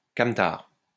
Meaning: van
- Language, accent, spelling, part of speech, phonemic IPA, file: French, France, camtar, noun, /kam.taʁ/, LL-Q150 (fra)-camtar.wav